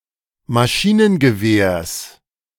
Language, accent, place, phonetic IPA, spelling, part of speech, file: German, Germany, Berlin, [maˈʃiːnənɡəˌveːɐ̯s], Maschinengewehrs, noun, De-Maschinengewehrs.ogg
- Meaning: genitive singular of Maschinengewehr